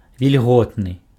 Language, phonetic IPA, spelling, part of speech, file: Belarusian, [vʲilʲˈɣotnɨ], вільготны, adjective, Be-вільготны.ogg
- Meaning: wet